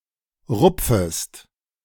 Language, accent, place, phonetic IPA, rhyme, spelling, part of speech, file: German, Germany, Berlin, [ˈʁʊp͡fəst], -ʊp͡fəst, rupfest, verb, De-rupfest.ogg
- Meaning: second-person singular subjunctive I of rupfen